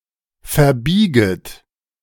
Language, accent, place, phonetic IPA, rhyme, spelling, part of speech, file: German, Germany, Berlin, [fɛɐ̯ˈbiːɡət], -iːɡət, verbieget, verb, De-verbieget.ogg
- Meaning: second-person plural subjunctive I of verbiegen